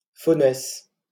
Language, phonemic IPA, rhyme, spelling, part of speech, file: French, /fo.nɛs/, -ɛs, faunesse, noun, LL-Q150 (fra)-faunesse.wav
- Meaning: satyress, fauness